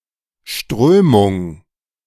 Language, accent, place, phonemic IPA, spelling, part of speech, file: German, Germany, Berlin, /ˈʃtʁøːmʊŋ/, Strömung, noun, De-Strömung.ogg
- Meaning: 1. current, stream, flux, flow 2. movement (in politics, ideas, the arts, etc.)